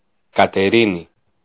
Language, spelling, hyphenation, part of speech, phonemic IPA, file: Greek, Κατερίνη, Κα‧τε‧ρί‧νη, proper noun, /ka.teˈɾi.ni/, El-Κατερίνη.ogg
- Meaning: Katerini (a city, the regional capital of Pieria, Greece)